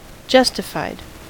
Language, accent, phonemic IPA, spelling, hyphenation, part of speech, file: English, US, /ˈd͡ʒʌstɪfaɪd/, justified, jus‧ti‧fied, adjective / verb, En-us-justified.ogg
- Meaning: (adjective) Having a justification